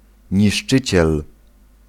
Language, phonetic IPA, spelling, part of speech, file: Polish, [ɲiʃˈt͡ʃɨt͡ɕɛl], niszczyciel, noun, Pl-niszczyciel.ogg